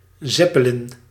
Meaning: Zeppelin
- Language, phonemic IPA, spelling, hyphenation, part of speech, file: Dutch, /ˈzɛ.pəˌlɪn/, zeppelin, zep‧pe‧lin, noun, Nl-zeppelin.ogg